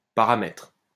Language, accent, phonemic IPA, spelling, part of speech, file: French, France, /pa.ʁa.mɛtʁ/, paramètre, noun, LL-Q150 (fra)-paramètre.wav
- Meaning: parameter